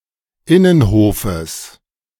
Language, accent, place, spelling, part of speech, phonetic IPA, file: German, Germany, Berlin, Innenhofes, noun, [ˈɪnənˌhoːfəs], De-Innenhofes.ogg
- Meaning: genitive of Innenhof